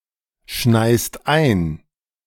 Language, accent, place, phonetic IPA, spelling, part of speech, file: German, Germany, Berlin, [ˌʃnaɪ̯st ˈaɪ̯n], schneist ein, verb, De-schneist ein.ogg
- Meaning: second-person singular present of einschneien